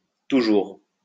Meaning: obsolete spelling of toujours
- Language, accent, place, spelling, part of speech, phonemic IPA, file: French, France, Lyon, toûjours, adverb, /tu.ʒuʁ/, LL-Q150 (fra)-toûjours.wav